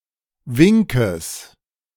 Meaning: genitive singular of Wink
- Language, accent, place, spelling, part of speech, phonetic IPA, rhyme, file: German, Germany, Berlin, Winkes, noun, [ˈvɪŋkəs], -ɪŋkəs, De-Winkes.ogg